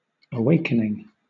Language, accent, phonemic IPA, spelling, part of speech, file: English, Southern England, /əˈweɪ̯kənɪŋ/, awakening, adjective / noun / verb, LL-Q1860 (eng)-awakening.wav
- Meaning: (adjective) Rousing from sleep, in a natural or a figurative sense; rousing into activity; exciting; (noun) The act of awaking, or ceasing to sleep